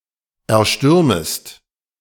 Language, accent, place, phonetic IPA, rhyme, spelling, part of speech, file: German, Germany, Berlin, [ɛɐ̯ˈʃtʏʁməst], -ʏʁməst, erstürmest, verb, De-erstürmest.ogg
- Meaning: second-person singular subjunctive I of erstürmen